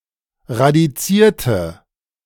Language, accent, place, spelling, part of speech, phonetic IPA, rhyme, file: German, Germany, Berlin, radizierte, adjective / verb, [ʁadiˈt͡siːɐ̯tə], -iːɐ̯tə, De-radizierte.ogg
- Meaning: inflection of radiziert: 1. strong/mixed nominative/accusative feminine singular 2. strong nominative/accusative plural 3. weak nominative all-gender singular